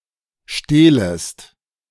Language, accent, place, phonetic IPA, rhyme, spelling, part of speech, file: German, Germany, Berlin, [ˈʃteːləst], -eːləst, stehlest, verb, De-stehlest.ogg
- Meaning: second-person singular subjunctive I of stehlen